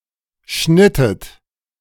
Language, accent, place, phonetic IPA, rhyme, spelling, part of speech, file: German, Germany, Berlin, [ˈʃnɪtət], -ɪtət, schnittet, verb, De-schnittet.ogg
- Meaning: inflection of schneiden: 1. second-person plural preterite 2. second-person plural subjunctive II